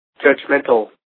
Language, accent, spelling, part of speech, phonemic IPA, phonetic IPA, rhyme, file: English, US, judgemental, adjective, /d͡ʒʌd͡ʒˈmɛn.təl/, [d͡ʒʌd͡ʒˈmɛn.tl̩], -ɛntəl, En-us-judgemental.ogg
- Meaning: Alternative spelling of judgmental